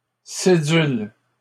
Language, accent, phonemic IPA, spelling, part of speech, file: French, Canada, /se.dyl/, cédules, noun, LL-Q150 (fra)-cédules.wav
- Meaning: plural of cédule